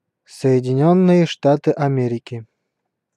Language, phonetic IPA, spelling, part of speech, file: Russian, [sə(j)ɪdʲɪˈnʲɵnːɨje ˈʂtatɨ ɐˈmʲerʲɪkʲɪ], Соединённые Штаты Америки, proper noun, Ru-Соединённые Штаты Америки.ogg